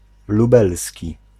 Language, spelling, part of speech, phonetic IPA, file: Polish, lubelski, adjective, [luˈbɛlsʲci], Pl-lubelski.ogg